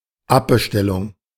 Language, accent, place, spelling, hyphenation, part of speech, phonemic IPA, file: German, Germany, Berlin, Abbestellung, Ab‧be‧stel‧lung, noun, /ˈapbəˌʃtɛlʊŋ/, De-Abbestellung.ogg
- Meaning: cancellation (of an order)